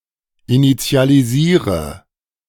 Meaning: inflection of initialisieren: 1. first-person singular present 2. first/third-person singular subjunctive I 3. singular imperative
- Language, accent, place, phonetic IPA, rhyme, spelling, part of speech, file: German, Germany, Berlin, [init͡si̯aliˈziːʁə], -iːʁə, initialisiere, verb, De-initialisiere.ogg